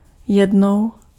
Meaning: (adverb) once; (numeral) feminine instrumental singular of jeden
- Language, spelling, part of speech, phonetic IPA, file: Czech, jednou, adverb / numeral, [ˈjɛdnou̯], Cs-jednou.ogg